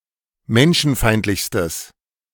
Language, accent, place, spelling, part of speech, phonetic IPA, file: German, Germany, Berlin, menschenfeindlichstes, adjective, [ˈmɛnʃn̩ˌfaɪ̯ntlɪçstəs], De-menschenfeindlichstes.ogg
- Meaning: strong/mixed nominative/accusative neuter singular superlative degree of menschenfeindlich